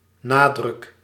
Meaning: emphasis
- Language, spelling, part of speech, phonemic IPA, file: Dutch, nadruk, noun, /ˈnaː.drʏk/, Nl-nadruk.ogg